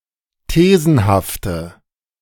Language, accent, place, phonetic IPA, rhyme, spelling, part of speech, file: German, Germany, Berlin, [ˈteːzn̩haftə], -eːzn̩haftə, thesenhafte, adjective, De-thesenhafte.ogg
- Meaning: inflection of thesenhaft: 1. strong/mixed nominative/accusative feminine singular 2. strong nominative/accusative plural 3. weak nominative all-gender singular